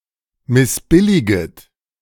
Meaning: second-person plural subjunctive I of missbilligen
- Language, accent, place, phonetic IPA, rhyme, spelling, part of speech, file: German, Germany, Berlin, [mɪsˈbɪlɪɡət], -ɪlɪɡət, missbilliget, verb, De-missbilliget.ogg